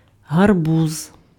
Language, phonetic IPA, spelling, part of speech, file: Ukrainian, [ɦɐrˈbuz], гарбуз, noun, Uk-гарбуз.ogg
- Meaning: pumpkin (plant and fruit)